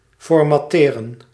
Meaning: to format
- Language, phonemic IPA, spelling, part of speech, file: Dutch, /fɔrmɑˈteːrə(n)/, formatteren, verb, Nl-formatteren.ogg